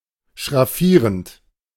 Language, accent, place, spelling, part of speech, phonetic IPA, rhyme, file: German, Germany, Berlin, schraffierend, verb, [ʃʁaˈfiːʁənt], -iːʁənt, De-schraffierend.ogg
- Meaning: present participle of schraffieren